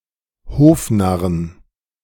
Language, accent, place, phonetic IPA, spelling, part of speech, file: German, Germany, Berlin, [ˈhoːfˌnaʁən], Hofnarren, noun, De-Hofnarren.ogg
- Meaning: 1. genitive singular of Hofnarr 2. plural of Hofnarr